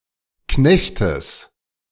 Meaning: genitive singular of Knecht
- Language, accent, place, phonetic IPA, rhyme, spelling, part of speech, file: German, Germany, Berlin, [ˈknɛçtəs], -ɛçtəs, Knechtes, noun, De-Knechtes.ogg